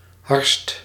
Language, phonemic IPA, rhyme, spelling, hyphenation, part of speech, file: Dutch, /ɦɑrst/, -ɑrst, harst, harst, noun / verb, Nl-harst.ogg
- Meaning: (noun) 1. a cut of meat 2. obsolete form of hars; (verb) inflection of harsten: 1. first/second/third-person singular present indicative 2. imperative